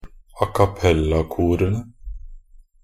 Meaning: definite plural of acappellakor
- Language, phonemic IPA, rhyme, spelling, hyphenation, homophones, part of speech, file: Norwegian Bokmål, /akaˈpɛlːakuːrənə/, -ənə, acappellakorene, a‧cap‧pel‧la‧ko‧re‧ne, a cappella-korene, noun, Nb-acappellakorene.ogg